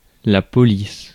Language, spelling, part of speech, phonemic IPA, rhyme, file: French, police, noun / verb, /pɔ.lis/, -is, Fr-police.ogg
- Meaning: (noun) 1. police 2. cop (police officer) 3. policy 4. font; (verb) inflection of policer: 1. first/third-person singular present indicative/subjunctive 2. second-person singular imperative